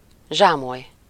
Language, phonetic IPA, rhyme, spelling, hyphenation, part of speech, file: Hungarian, [ˈʒaːmoj], -oj, zsámoly, zsá‧moly, noun, Hu-zsámoly.ogg
- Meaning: footstool, stool, taboret, tabouret